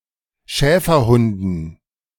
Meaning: dative plural of Schäferhund
- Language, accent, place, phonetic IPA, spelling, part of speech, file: German, Germany, Berlin, [ˈʃɛːfɐˌhʊndn̩], Schäferhunden, noun, De-Schäferhunden.ogg